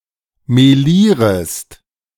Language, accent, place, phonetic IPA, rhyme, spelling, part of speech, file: German, Germany, Berlin, [meˈliːʁəst], -iːʁəst, melierest, verb, De-melierest.ogg
- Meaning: second-person singular subjunctive I of melieren